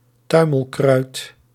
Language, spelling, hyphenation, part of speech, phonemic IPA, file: Dutch, tuimelkruid, tui‧mel‧kruid, noun, /ˈtœy̯.məlˌkrœy̯t/, Nl-tuimelkruid.ogg
- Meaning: tumbleweed